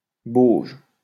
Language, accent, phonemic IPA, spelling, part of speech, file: French, France, /boʒ/, bauge, noun / verb, LL-Q150 (fra)-bauge.wav
- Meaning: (noun) 1. cob (for walls) 2. wallow (for pig, boar etc.); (verb) inflection of bauger: 1. first/third-person singular present indicative/subjunctive 2. second-person singular imperative